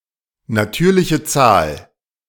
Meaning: natural number
- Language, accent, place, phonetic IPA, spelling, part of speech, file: German, Germany, Berlin, [naˈtyːɐ̯lɪçə ˈt͡saːl], natürliche Zahl, phrase, De-natürliche Zahl.ogg